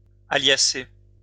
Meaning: garlicky
- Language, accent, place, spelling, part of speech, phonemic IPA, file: French, France, Lyon, alliacé, adjective, /a.lja.se/, LL-Q150 (fra)-alliacé.wav